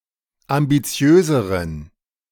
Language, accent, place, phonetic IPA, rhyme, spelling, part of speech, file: German, Germany, Berlin, [ambiˈt͡si̯øːzəʁən], -øːzəʁən, ambitiöseren, adjective, De-ambitiöseren.ogg
- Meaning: inflection of ambitiös: 1. strong genitive masculine/neuter singular comparative degree 2. weak/mixed genitive/dative all-gender singular comparative degree